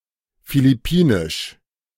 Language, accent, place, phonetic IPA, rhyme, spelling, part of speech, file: German, Germany, Berlin, [filɪˈpiːnɪʃ], -iːnɪʃ, philippinisch, adjective, De-philippinisch.ogg
- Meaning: Filipino